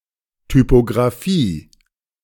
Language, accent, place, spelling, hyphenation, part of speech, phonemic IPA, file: German, Germany, Berlin, Typographie, Ty‧po‧gra‧phie, noun, /typoɡʁaˈfiː/, De-Typographie.ogg
- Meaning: typography